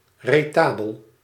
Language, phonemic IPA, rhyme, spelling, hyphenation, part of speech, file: Dutch, /rəˈtaː.bəl/, -aːbəl, retabel, re‧ta‧bel, noun, Nl-retabel.ogg
- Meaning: retable (table or shelf behind an altar)